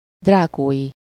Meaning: draconian
- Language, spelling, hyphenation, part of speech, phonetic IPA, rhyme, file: Hungarian, drákói, drá‧kói, adjective, [ˈdraːkoːji], -ji, Hu-drákói.ogg